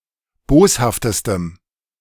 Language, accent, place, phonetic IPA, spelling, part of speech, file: German, Germany, Berlin, [ˈboːshaftəstəm], boshaftestem, adjective, De-boshaftestem.ogg
- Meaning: strong dative masculine/neuter singular superlative degree of boshaft